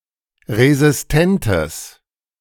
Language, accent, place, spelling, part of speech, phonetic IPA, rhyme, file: German, Germany, Berlin, resistentes, adjective, [ʁezɪsˈtɛntəs], -ɛntəs, De-resistentes.ogg
- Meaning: strong/mixed nominative/accusative neuter singular of resistent